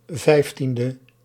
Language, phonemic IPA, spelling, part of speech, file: Dutch, /ˈvɛiftində/, 15e, adjective, Nl-15e.ogg
- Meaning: abbreviation of vijftiende (“fifteenth”); 15th